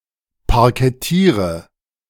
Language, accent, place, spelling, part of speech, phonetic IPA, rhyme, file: German, Germany, Berlin, parkettiere, verb, [paʁkɛˈtiːʁə], -iːʁə, De-parkettiere.ogg
- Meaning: inflection of parkettieren: 1. first-person singular present 2. singular imperative 3. first/third-person singular subjunctive I